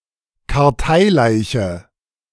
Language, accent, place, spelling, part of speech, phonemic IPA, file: German, Germany, Berlin, Karteileiche, noun, /kaʁˈtaɪ̯ˌlaɪ̯çə/, De-Karteileiche.ogg
- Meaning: nominal or inactive member (someone who is still formally registered as a member, but is completely inactive in practice)